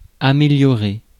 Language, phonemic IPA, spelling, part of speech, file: French, /a.me.ljɔ.ʁe/, améliorer, verb, Fr-améliorer.ogg
- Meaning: to improve, better, ameliorate